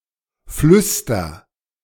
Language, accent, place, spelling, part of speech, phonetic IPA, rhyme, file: German, Germany, Berlin, flüster, verb, [ˈflʏstɐ], -ʏstɐ, De-flüster.ogg
- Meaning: inflection of flüstern: 1. first-person singular present 2. singular imperative